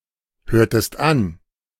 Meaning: inflection of anhören: 1. second-person singular preterite 2. second-person singular subjunctive II
- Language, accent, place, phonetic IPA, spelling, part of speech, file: German, Germany, Berlin, [ˌhøːɐ̯təst ˈan], hörtest an, verb, De-hörtest an.ogg